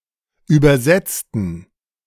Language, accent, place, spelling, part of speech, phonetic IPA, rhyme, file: German, Germany, Berlin, übersetzten, adjective, [ˌyːbɐˈzɛt͡stn̩], -ɛt͡stn̩, De-übersetzten.ogg
- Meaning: inflection of übersetzen: 1. first/third-person plural preterite 2. first/third-person plural subjunctive II